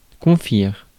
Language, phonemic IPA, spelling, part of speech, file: French, /kɔ̃.fiʁ/, confire, verb, Fr-confire.ogg
- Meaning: 1. to preserve (food) 2. to pickle (food)